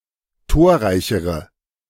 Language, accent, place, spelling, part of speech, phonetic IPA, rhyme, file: German, Germany, Berlin, torreichere, adjective, [ˈtoːɐ̯ˌʁaɪ̯çəʁə], -oːɐ̯ʁaɪ̯çəʁə, De-torreichere.ogg
- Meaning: inflection of torreich: 1. strong/mixed nominative/accusative feminine singular comparative degree 2. strong nominative/accusative plural comparative degree